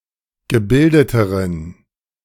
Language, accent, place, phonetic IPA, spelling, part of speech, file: German, Germany, Berlin, [ɡəˈbɪldətəʁən], gebildeteren, adjective, De-gebildeteren.ogg
- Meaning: inflection of gebildet: 1. strong genitive masculine/neuter singular comparative degree 2. weak/mixed genitive/dative all-gender singular comparative degree